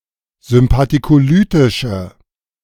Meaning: inflection of sympathikolytisch: 1. strong/mixed nominative/accusative feminine singular 2. strong nominative/accusative plural 3. weak nominative all-gender singular
- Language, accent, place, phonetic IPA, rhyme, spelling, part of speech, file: German, Germany, Berlin, [zʏmpatikoˈlyːtɪʃə], -yːtɪʃə, sympathikolytische, adjective, De-sympathikolytische.ogg